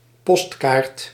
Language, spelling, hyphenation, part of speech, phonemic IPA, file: Dutch, postkaart, post‧kaart, noun, /ˈpɔst.kaːrt/, Nl-postkaart.ogg
- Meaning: postcard, especially one with a picture